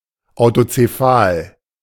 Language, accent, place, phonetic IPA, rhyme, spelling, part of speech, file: German, Germany, Berlin, [aʊ̯tot͡seˈfaːl], -aːl, autozephal, adjective, De-autozephal.ogg
- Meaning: alternative form of autokephal